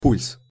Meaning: pulse (regular beat caused by the heart)
- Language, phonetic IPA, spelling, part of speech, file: Russian, [pulʲs], пульс, noun, Ru-пульс.ogg